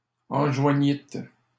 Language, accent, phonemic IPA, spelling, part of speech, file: French, Canada, /ɑ̃.ʒwa.ɲit/, enjoignîtes, verb, LL-Q150 (fra)-enjoignîtes.wav
- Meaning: second-person plural past historic of enjoindre